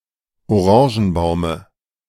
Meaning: dative of Orangenbaum
- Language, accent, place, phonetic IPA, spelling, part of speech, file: German, Germany, Berlin, [oˈʁɑ̃ːʒn̩ˌbaʊ̯mə], Orangenbaume, noun, De-Orangenbaume.ogg